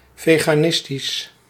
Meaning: vegan
- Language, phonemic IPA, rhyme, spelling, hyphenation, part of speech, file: Dutch, /ˌveː.ɣaːˈnɪs.tis/, -ɪstis, veganistisch, ve‧ga‧nis‧tisch, adjective, Nl-veganistisch.ogg